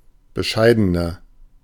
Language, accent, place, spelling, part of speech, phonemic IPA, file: German, Germany, Berlin, bescheidener, adjective, /bəˈʃaɪ̯dənɐ/, De-bescheidener.ogg
- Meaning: 1. comparative degree of bescheiden 2. inflection of bescheiden: strong/mixed nominative masculine singular 3. inflection of bescheiden: strong genitive/dative feminine singular